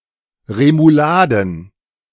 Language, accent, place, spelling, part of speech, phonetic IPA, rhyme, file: German, Germany, Berlin, Remouladen, noun, [ʁemuˈlaːdn̩], -aːdn̩, De-Remouladen.ogg
- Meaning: plural of Remoulade